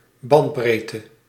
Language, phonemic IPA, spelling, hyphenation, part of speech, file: Dutch, /ˈbɑntˌbreː.tə/, bandbreedte, band‧breed‧te, noun, Nl-bandbreedte.ogg
- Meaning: 1. bandwidth, the width or spread of a signal's spectrum of frequencies (in Hertz) 2. bandwidth, the transfer speed of a connection